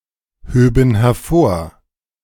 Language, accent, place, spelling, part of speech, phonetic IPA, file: German, Germany, Berlin, höben hervor, verb, [ˌhøːbn̩ hɛɐ̯ˈfoːɐ̯], De-höben hervor.ogg
- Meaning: first/third-person plural subjunctive II of hervorheben